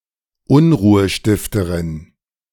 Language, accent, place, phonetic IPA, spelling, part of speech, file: German, Germany, Berlin, [ˈʊnʁuːəˌʃtɪftəʁɪn], Unruhestifterin, noun, De-Unruhestifterin.ogg
- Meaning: female equivalent of Unruhestifter